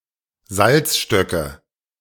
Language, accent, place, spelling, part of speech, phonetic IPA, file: German, Germany, Berlin, Salzstöcke, noun, [ˈzalt͡sʃtœkə], De-Salzstöcke.ogg
- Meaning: nominative/accusative/genitive plural of Salzstock